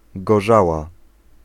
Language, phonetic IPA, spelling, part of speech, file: Polish, [ɡɔˈʒawa], gorzała, noun, Pl-gorzała.ogg